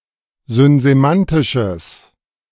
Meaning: strong/mixed nominative/accusative neuter singular of synsemantisch
- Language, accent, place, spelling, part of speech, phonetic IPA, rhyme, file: German, Germany, Berlin, synsemantisches, adjective, [zʏnzeˈmantɪʃəs], -antɪʃəs, De-synsemantisches.ogg